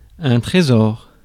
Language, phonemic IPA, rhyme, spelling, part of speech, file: French, /tʁe.zɔʁ/, -ɔʁ, trésor, noun, Fr-trésor.ogg
- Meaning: 1. treasure (valuables) 2. treasure (any single thing one values greatly) 3. treasure (term of endearment) 4. treasury